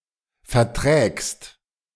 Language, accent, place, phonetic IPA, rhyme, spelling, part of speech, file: German, Germany, Berlin, [fɛɐ̯ˈtʁɛːkst], -ɛːkst, verträgst, verb, De-verträgst.ogg
- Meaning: second-person singular present of vertragen